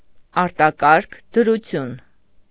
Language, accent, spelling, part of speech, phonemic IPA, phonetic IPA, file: Armenian, Eastern Armenian, արտակարգ դրություն, noun, /ɑɾtɑˈkɑɾkʰ dəɾuˈtʰjun/, [ɑɾtɑkɑ́ɾkʰ dəɾut͡sʰjún], Hy-արտակարգ դրություն.ogg
- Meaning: state of emergency